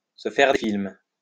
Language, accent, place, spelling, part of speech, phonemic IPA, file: French, France, Lyon, se faire des films, verb, /sə fɛʁ de film/, LL-Q150 (fra)-se faire des films.wav
- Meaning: to imagine things, to have another think coming, to be deluded